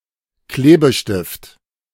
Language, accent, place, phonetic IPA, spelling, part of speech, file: German, Germany, Berlin, [ˈkleːbəˌʃtɪft], Klebestift, noun, De-Klebestift.ogg
- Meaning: glue stick